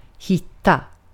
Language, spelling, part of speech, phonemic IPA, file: Swedish, hitta, verb, /ˈhɪtːˌa/, Sv-hitta.ogg
- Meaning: 1. to find (locate; discover) 2. to be a steal (very cheaply priced) 3. to (be able to) find one's way 4. to (be able to) find one's way: to know one's way around